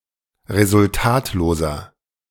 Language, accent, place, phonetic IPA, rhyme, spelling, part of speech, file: German, Germany, Berlin, [ʁezʊlˈtaːtloːzɐ], -aːtloːzɐ, resultatloser, adjective, De-resultatloser.ogg
- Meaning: 1. comparative degree of resultatlos 2. inflection of resultatlos: strong/mixed nominative masculine singular 3. inflection of resultatlos: strong genitive/dative feminine singular